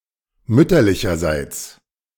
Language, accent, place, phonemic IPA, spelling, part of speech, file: German, Germany, Berlin, /ˈmʏtɐlɪçɐˌzaɪts/, mütterlicherseits, adverb, De-mütterlicherseits.ogg
- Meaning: maternally, from the mother's side, on the mother's side